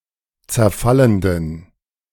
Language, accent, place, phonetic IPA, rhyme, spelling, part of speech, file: German, Germany, Berlin, [t͡sɛɐ̯ˈfaləndn̩], -aləndn̩, zerfallenden, adjective, De-zerfallenden.ogg
- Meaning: inflection of zerfallend: 1. strong genitive masculine/neuter singular 2. weak/mixed genitive/dative all-gender singular 3. strong/weak/mixed accusative masculine singular 4. strong dative plural